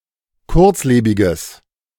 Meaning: strong/mixed nominative/accusative neuter singular of kurzlebig
- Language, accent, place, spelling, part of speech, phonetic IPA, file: German, Germany, Berlin, kurzlebiges, adjective, [ˈkʊʁt͡sˌleːbɪɡəs], De-kurzlebiges.ogg